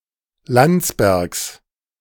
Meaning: 1. genitive singular of Landsberg 2. plural of Landsberg
- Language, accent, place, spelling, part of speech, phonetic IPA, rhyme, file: German, Germany, Berlin, Landsbergs, noun, [ˈlant͡sbɛʁks], -ant͡sbɛʁks, De-Landsbergs.ogg